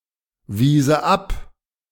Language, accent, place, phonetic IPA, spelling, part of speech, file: German, Germany, Berlin, [ˌviːzə ˈap], wiese ab, verb, De-wiese ab.ogg
- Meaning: first/third-person singular subjunctive II of abweisen